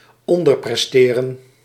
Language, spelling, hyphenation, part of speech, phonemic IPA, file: Dutch, onderpresteren, on‧der‧pres‧te‧ren, verb, /ˈɔn.dərˌprɛs.teː.rə(n)/, Nl-onderpresteren.ogg
- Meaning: to underperform, to underachieve